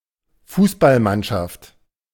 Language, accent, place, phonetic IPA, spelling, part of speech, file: German, Germany, Berlin, [ˈfuːsbalˌmanʃaft], Fußballmannschaft, noun, De-Fußballmannschaft.ogg
- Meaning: football team, soccer team